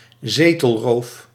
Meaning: theft of a seat in a political council or assembly, acquisition of a political representative seat through means that are considered illegitimate
- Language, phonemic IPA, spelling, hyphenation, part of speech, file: Dutch, /ˈzeː.təlˌroːf/, zetelroof, ze‧tel‧roof, noun, Nl-zetelroof.ogg